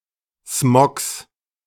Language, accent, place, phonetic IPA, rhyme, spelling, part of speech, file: German, Germany, Berlin, [smɔks], -ɔks, Smogs, noun, De-Smogs.ogg
- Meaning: genitive singular of Smog